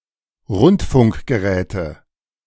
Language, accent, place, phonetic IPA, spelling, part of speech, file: German, Germany, Berlin, [ˈʁʊntfʊŋkɡəˌʁɛːtə], Rundfunkgeräte, noun, De-Rundfunkgeräte.ogg
- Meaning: nominative/accusative/genitive plural of Rundfunkgerät